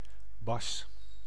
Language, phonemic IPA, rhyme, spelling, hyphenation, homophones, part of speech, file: Dutch, /bɑs/, -ɑs, bas, bas, Bas, noun / verb, Nl-bas.ogg
- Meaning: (noun) 1. bass (instrument) 2. bass (low frequencies of sound) 3. bass (singing voice); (verb) inflection of bassen: first-person singular present indicative